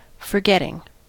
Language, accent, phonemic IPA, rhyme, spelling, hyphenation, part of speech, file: English, US, /fɚˈɡɛtɪŋ/, -ɛtɪŋ, forgetting, for‧get‧ting, verb / noun, En-us-forgetting.ogg
- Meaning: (verb) present participle and gerund of forget; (noun) The mental act by which something is forgotten